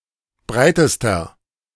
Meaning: inflection of breit: 1. strong/mixed nominative masculine singular superlative degree 2. strong genitive/dative feminine singular superlative degree 3. strong genitive plural superlative degree
- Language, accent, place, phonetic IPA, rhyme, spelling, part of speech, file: German, Germany, Berlin, [ˈbʁaɪ̯təstɐ], -aɪ̯təstɐ, breitester, adjective, De-breitester.ogg